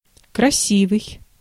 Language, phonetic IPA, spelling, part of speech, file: Russian, [krɐˈsʲivɨj], красивый, adjective, Ru-красивый.ogg
- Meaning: 1. beautiful, handsome 2. fine, admirable, noble